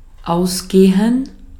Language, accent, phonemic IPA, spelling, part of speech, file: German, Austria, /ˈʔaʊ̯sɡeːən/, ausgehen, verb, De-at-ausgehen.ogg
- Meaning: 1. to go out (to leave one's abode to go to public places) 2. to go out (to be turned off or extinguished) 3. to run out (to be completely used up or consumed)